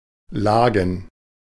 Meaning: 1. plural of Lage 2. short for Lagenschwimmen
- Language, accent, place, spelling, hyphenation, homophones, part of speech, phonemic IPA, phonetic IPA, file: German, Germany, Berlin, Lagen, La‧gen, lagen, noun, /ˈlaːɡən/, [ˈlaːɡŋ̩], De-Lagen.ogg